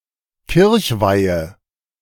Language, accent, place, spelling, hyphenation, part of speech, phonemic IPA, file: German, Germany, Berlin, Kirchweihe, Kirch‧wei‧he, noun, /ˈkɪʁçˌvaɪ̯ə/, De-Kirchweihe.ogg
- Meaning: dedication